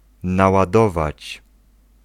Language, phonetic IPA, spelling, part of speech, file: Polish, [ˌnawaˈdɔvat͡ɕ], naładować, verb, Pl-naładować.ogg